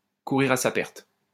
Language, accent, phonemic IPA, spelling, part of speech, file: French, France, /ku.ʁiʁ a sa pɛʁt/, courir à sa perte, verb, LL-Q150 (fra)-courir à sa perte.wav
- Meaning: to be riding for a fall, to be heading for disaster, to be on the road to ruin